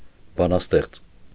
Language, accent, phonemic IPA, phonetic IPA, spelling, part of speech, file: Armenian, Eastern Armenian, /bɑnɑsˈteχt͡s/, [bɑnɑstéχt͡s], բանաստեղծ, noun, Hy-բանաստեղծ.ogg
- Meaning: poet